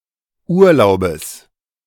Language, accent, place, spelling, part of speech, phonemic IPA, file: German, Germany, Berlin, Urlaubes, noun, /ˈʔuːɐ̯laʊ̯bəs/, De-Urlaubes.ogg
- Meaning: genitive singular of Urlaub